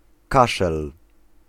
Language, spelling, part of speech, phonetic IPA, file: Polish, kaszel, noun, [ˈkaʃɛl], Pl-kaszel.ogg